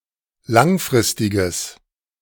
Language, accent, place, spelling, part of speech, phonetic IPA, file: German, Germany, Berlin, langfristiges, adjective, [ˈlaŋˌfʁɪstɪɡəs], De-langfristiges.ogg
- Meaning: strong/mixed nominative/accusative neuter singular of langfristig